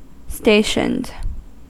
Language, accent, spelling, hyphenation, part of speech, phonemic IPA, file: English, US, stationed, sta‧tioned, verb / adjective, /ˈstɛɪʃənd/, En-us-stationed.ogg
- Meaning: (verb) simple past and past participle of station; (adjective) That is or which has been stationed; placed in a particular location in order to perform a task